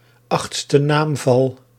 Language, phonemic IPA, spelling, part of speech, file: Dutch, /ˌɑx(t).stə ˈnaːm.vɑl/, achtste naamval, noun, Nl-achtste naamval.ogg
- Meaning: instrumental case